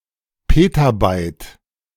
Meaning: petabyte (1,000,000,000,000,000 bytes)
- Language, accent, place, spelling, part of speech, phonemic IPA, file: German, Germany, Berlin, Petabyte, noun, /ˈpeːtaˌbaɪt/, De-Petabyte.ogg